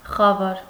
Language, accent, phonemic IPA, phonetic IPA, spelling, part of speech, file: Armenian, Eastern Armenian, /χɑˈvɑɾ/, [χɑvɑ́ɾ], խավար, noun / adjective, Hy-խավար.ogg
- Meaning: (noun) 1. dark, darkness 2. ignorance; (adjective) 1. dark, obscure, gloomy 2. ignorant